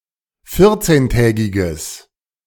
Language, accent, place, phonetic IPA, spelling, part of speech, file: German, Germany, Berlin, [ˈfɪʁt͡seːnˌtɛːɡɪɡəs], vierzehntägiges, adjective, De-vierzehntägiges.ogg
- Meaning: strong/mixed nominative/accusative neuter singular of vierzehntägig